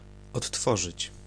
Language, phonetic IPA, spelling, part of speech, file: Polish, [ɔtˈːfɔʒɨt͡ɕ], odtworzyć, verb, Pl-odtworzyć.ogg